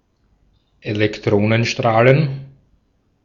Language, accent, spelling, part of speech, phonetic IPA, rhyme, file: German, Austria, Elektronenstrahlen, noun, [elɛkˈtʁoːnənˌʃtʁaːlən], -oːnənʃtʁaːlən, De-at-Elektronenstrahlen.ogg
- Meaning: plural of Elektronenstrahl